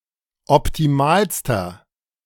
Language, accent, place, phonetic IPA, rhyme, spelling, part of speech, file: German, Germany, Berlin, [ɔptiˈmaːlstɐ], -aːlstɐ, optimalster, adjective, De-optimalster.ogg
- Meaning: inflection of optimal: 1. strong/mixed nominative masculine singular superlative degree 2. strong genitive/dative feminine singular superlative degree 3. strong genitive plural superlative degree